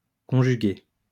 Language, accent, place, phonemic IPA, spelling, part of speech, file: French, France, Lyon, /kɔ̃.ʒy.ɡe/, conjuguer, verb, LL-Q150 (fra)-conjuguer.wav
- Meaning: 1. to conjugate 2. to unite, to tie together